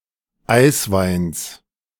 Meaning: genitive of Eiswein
- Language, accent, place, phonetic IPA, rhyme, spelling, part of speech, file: German, Germany, Berlin, [ˈaɪ̯sˌvaɪ̯ns], -aɪ̯svaɪ̯ns, Eisweins, noun, De-Eisweins.ogg